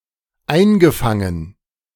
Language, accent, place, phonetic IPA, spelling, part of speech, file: German, Germany, Berlin, [ˈaɪ̯nɡəˌfaŋən], eingefangen, verb, De-eingefangen.ogg
- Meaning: past participle of einfangen